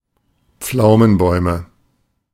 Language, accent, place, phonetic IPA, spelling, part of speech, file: German, Germany, Berlin, [ˈp͡flaʊ̯mənˌbɔɪ̯mə], Pflaumenbäume, noun, De-Pflaumenbäume.ogg
- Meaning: nominative/accusative/genitive plural of Pflaumenbaum